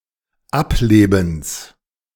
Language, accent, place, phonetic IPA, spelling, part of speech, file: German, Germany, Berlin, [ˈapˌleːbm̩s], Ablebens, noun, De-Ablebens.ogg
- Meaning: genitive singular of Ableben